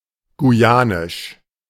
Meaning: of Guyana; Guyanese
- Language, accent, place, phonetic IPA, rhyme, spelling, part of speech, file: German, Germany, Berlin, [ɡuˈjaːnɪʃ], -aːnɪʃ, guyanisch, adjective, De-guyanisch.ogg